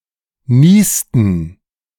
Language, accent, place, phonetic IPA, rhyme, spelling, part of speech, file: German, Germany, Berlin, [ˈniːstn̩], -iːstn̩, niesten, verb, De-niesten.ogg
- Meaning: inflection of niesen: 1. first/third-person plural preterite 2. first/third-person plural subjunctive II